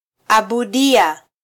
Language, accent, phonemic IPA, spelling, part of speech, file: Swahili, Kenya, /ɑ.ɓuˈɗi.ɑ/, abudia, verb, Sw-ke-abudia.flac
- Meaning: Applicative form of -abudu: to pray for/to